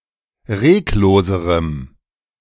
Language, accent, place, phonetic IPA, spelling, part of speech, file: German, Germany, Berlin, [ˈʁeːkˌloːzəʁəm], regloserem, adjective, De-regloserem.ogg
- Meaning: strong dative masculine/neuter singular comparative degree of reglos